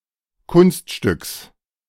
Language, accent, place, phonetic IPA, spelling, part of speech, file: German, Germany, Berlin, [ˈkʊnstˌʃtʏks], Kunststücks, noun, De-Kunststücks.ogg
- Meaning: genitive singular of Kunststück